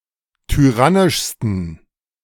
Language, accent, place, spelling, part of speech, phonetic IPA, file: German, Germany, Berlin, tyrannischsten, adjective, [tyˈʁanɪʃstn̩], De-tyrannischsten.ogg
- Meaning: 1. superlative degree of tyrannisch 2. inflection of tyrannisch: strong genitive masculine/neuter singular superlative degree